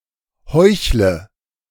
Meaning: inflection of heucheln: 1. first-person singular present 2. singular imperative 3. first/third-person singular subjunctive I
- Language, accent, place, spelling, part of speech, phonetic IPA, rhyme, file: German, Germany, Berlin, heuchle, verb, [ˈhɔɪ̯çlə], -ɔɪ̯çlə, De-heuchle.ogg